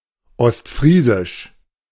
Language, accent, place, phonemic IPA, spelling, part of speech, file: German, Germany, Berlin, /ˈɔstˌfʁiːzɪʃ/, ostfriesisch, adjective, De-ostfriesisch.ogg
- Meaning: East Frisian